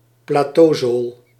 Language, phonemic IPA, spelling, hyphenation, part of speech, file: Dutch, /plaːˈtoːˌzoːl/, plateauzool, pla‧teau‧zool, noun, Nl-plateauzool.ogg
- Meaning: platform sole (very thick sole of a shoe)